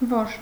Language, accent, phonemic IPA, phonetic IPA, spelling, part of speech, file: Armenian, Eastern Armenian, /voɾ/, [voɾ], որ, pronoun / determiner / conjunction, Hy-որ.ogg
- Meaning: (pronoun) who, which, that (relative pronoun) (singular); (determiner) 1. which? (interrogative determiner) 2. which (relative determiner); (conjunction) 1. that 2. in order to, so that 3. if, since